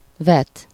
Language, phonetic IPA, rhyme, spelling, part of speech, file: Hungarian, [ˈvɛt], -ɛt, vet, verb, Hu-vet.ogg
- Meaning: 1. to throw, cast 2. to sow 3. synonym of okol (“to blame”)